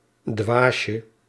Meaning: diminutive of dwaas
- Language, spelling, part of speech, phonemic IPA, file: Dutch, dwaasje, noun, /ˈdwaʃə/, Nl-dwaasje.ogg